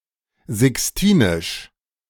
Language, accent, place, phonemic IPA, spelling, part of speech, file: German, Germany, Berlin, /zɪksˈtiːnɪʃ/, sixtinisch, adjective, De-sixtinisch.ogg
- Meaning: Sistine